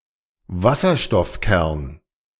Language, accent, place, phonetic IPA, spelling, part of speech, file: German, Germany, Berlin, [ˈvasɐʃtɔfˌkɛʁn], Wasserstoffkern, noun, De-Wasserstoffkern.ogg
- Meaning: hydrogen nucleus, proton